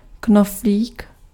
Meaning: button (fastener in clothing)
- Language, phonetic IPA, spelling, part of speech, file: Czech, [ˈknofliːk], knoflík, noun, Cs-knoflík.ogg